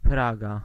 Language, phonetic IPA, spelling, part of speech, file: Polish, [ˈpraɡa], Praga, proper noun, Pl-Praga.ogg